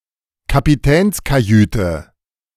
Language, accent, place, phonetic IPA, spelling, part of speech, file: German, Germany, Berlin, [kapiˈtɛːnskaˌjyːtə], Kapitänskajüte, noun, De-Kapitänskajüte.ogg
- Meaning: Captain's cabin, the captain's private room on a ship